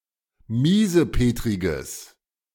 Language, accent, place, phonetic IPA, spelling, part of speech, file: German, Germany, Berlin, [ˈmiːzəˌpeːtʁɪɡəs], miesepetriges, adjective, De-miesepetriges.ogg
- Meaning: strong/mixed nominative/accusative neuter singular of miesepetrig